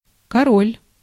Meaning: 1. king 2. king (Russian abbreviation: Кр)
- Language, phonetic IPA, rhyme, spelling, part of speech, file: Russian, [kɐˈrolʲ], -olʲ, король, noun, Ru-король.ogg